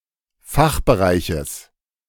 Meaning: genitive singular of Fachbereich
- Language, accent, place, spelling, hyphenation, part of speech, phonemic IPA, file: German, Germany, Berlin, Fachbereiches, Fach‧be‧rei‧ches, noun, /ˈfaxbəˌʁaɪ̯çəs/, De-Fachbereiches.ogg